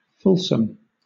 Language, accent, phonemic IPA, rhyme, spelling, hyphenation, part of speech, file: English, Southern England, /ˈfʊlsəm/, -ʊlsəm, fulsome, ful‧some, adjective, LL-Q1860 (eng)-fulsome.wav
- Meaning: 1. Offensive to good taste, tactless, overzealous, excessive 2. Excessively flattering (connoting insincerity) 3. Characterised or marked by fullness; abundant, copious 4. Fully developed; mature